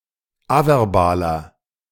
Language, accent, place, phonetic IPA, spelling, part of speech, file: German, Germany, Berlin, [ˈavɛʁˌbaːlɐ], averbaler, adjective, De-averbaler.ogg
- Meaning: inflection of averbal: 1. strong/mixed nominative masculine singular 2. strong genitive/dative feminine singular 3. strong genitive plural